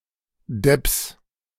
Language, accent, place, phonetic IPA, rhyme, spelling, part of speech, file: German, Germany, Berlin, [dɛps], -ɛps, Depps, noun, De-Depps.ogg
- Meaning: genitive singular of Depp